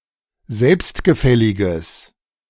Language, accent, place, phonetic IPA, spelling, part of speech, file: German, Germany, Berlin, [ˈzɛlpstɡəˌfɛlɪɡəs], selbstgefälliges, adjective, De-selbstgefälliges.ogg
- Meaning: strong/mixed nominative/accusative neuter singular of selbstgefällig